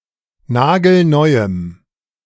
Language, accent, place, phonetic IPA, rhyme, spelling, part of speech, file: German, Germany, Berlin, [ˈnaːɡl̩ˈnɔɪ̯əm], -ɔɪ̯əm, nagelneuem, adjective, De-nagelneuem.ogg
- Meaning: strong dative masculine/neuter singular of nagelneu